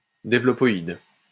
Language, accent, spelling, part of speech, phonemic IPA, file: French, France, développoïde, noun, /de.vlɔ.pɔ.id/, LL-Q150 (fra)-développoïde.wav
- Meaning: developoid